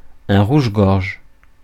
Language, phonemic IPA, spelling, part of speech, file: French, /ʁuʒ.ɡɔʁʒ/, rouge-gorge, noun, Fr-rouge-gorge.ogg
- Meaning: 1. robin, robin redbreast 2. American robin (Turdus migratorius)